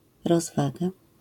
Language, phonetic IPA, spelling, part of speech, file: Polish, [rɔzˈvaɡa], rozwaga, noun, LL-Q809 (pol)-rozwaga.wav